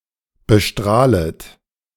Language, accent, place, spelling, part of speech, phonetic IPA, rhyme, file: German, Germany, Berlin, bestrahlet, verb, [bəˈʃtʁaːlət], -aːlət, De-bestrahlet.ogg
- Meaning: second-person plural subjunctive I of bestrahlen